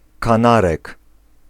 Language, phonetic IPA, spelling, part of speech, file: Polish, [kãˈnarɛk], kanarek, noun, Pl-kanarek.ogg